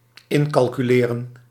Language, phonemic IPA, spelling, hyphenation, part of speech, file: Dutch, /ˈɪn.kɑl.kyˌleː.rə(n)/, incalculeren, in‧cal‧cu‧le‧ren, verb, Nl-incalculeren.ogg
- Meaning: to take into account, to include in a calculation